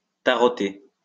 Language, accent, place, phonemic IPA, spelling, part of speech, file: French, France, Lyon, /ta.ʁɔ.te/, taroter, verb, LL-Q150 (fra)-taroter.wav
- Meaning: 1. to play tarot or with tarot cards 2. to draw tarot cards for someone